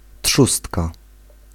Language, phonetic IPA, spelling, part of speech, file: Polish, [ˈṭʃustka], trzustka, noun, Pl-trzustka.ogg